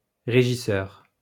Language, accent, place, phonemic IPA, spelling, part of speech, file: French, France, Lyon, /ʁe.ʒi.sœʁ/, régisseur, noun, LL-Q150 (fra)-régisseur.wav
- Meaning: 1. manager, administrator 2. stage manager